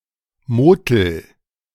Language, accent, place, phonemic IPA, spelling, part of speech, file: German, Germany, Berlin, /moˈtɛl/, Motel, noun, De-Motel.ogg
- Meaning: motel